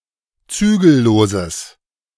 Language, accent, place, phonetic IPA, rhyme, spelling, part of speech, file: German, Germany, Berlin, [ˈt͡syːɡl̩ˌloːzəs], -yːɡl̩loːzəs, zügelloses, adjective, De-zügelloses.ogg
- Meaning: strong/mixed nominative/accusative neuter singular of zügellos